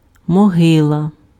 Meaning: grave
- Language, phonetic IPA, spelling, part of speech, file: Ukrainian, [mɔˈɦɪɫɐ], могила, noun, Uk-могила.ogg